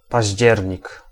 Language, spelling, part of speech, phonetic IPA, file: Polish, październik, noun, [paʑˈd͡ʑɛrʲɲik], Pl-październik.ogg